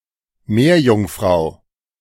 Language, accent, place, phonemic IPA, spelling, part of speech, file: German, Germany, Berlin, /ˈmeːɐ̯jʊŋˌfʁaʊ̯/, Meerjungfrau, noun, De-Meerjungfrau.ogg
- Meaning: mermaid